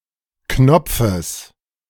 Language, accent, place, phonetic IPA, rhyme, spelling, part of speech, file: German, Germany, Berlin, [ˈknɔp͡fəs], -ɔp͡fəs, Knopfes, noun, De-Knopfes.ogg
- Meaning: genitive singular of Knopf